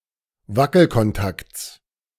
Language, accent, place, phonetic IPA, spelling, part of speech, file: German, Germany, Berlin, [ˈvakl̩kɔnˌtakt͡s], Wackelkontakts, noun, De-Wackelkontakts.ogg
- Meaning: genitive of Wackelkontakt